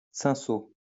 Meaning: alternative form of cinsault
- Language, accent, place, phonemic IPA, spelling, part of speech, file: French, France, Lyon, /sɛ̃.so/, cinsaut, noun, LL-Q150 (fra)-cinsaut.wav